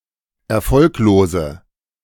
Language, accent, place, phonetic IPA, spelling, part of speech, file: German, Germany, Berlin, [ɛɐ̯ˈfɔlkloːzə], erfolglose, adjective, De-erfolglose.ogg
- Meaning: inflection of erfolglos: 1. strong/mixed nominative/accusative feminine singular 2. strong nominative/accusative plural 3. weak nominative all-gender singular